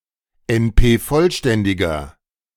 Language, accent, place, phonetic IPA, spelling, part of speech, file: German, Germany, Berlin, [ɛnˈpeːˌfɔlʃtɛndɪɡɐ], NP-vollständiger, adjective, De-NP-vollständiger.ogg
- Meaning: inflection of NP-vollständig: 1. strong/mixed nominative masculine singular 2. strong genitive/dative feminine singular 3. strong genitive plural